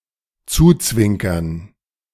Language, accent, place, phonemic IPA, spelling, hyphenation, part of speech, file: German, Germany, Berlin, /ˈt͡suːˌt͡svɪŋkɐn/, zuzwinkern, zu‧zwin‧kern, verb, De-zuzwinkern.ogg
- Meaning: to wink at